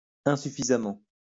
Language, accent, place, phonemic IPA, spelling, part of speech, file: French, France, Lyon, /ɛ̃.sy.fi.za.mɑ̃/, insuffisamment, adverb, LL-Q150 (fra)-insuffisamment.wav
- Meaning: insufficiently